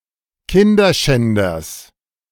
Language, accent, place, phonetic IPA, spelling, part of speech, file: German, Germany, Berlin, [ˈkɪndɐˌʃɛndɐs], Kinderschänders, noun, De-Kinderschänders.ogg
- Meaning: genitive singular of Kinderschänder